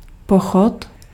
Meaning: 1. march (way of walking) 2. march (song) 3. process
- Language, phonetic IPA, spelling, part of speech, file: Czech, [ˈpoxot], pochod, noun, Cs-pochod.ogg